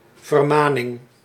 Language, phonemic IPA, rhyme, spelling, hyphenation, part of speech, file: Dutch, /vərˈmaː.nɪŋ/, -aːnɪŋ, vermaning, ver‧ma‧ning, noun, Nl-vermaning.ogg
- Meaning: 1. an admonishment, a warning 2. a Mennonite congregation or church building